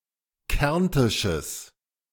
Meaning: strong/mixed nominative/accusative neuter singular of kärntisch
- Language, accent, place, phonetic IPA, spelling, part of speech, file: German, Germany, Berlin, [ˈkɛʁntɪʃəs], kärntisches, adjective, De-kärntisches.ogg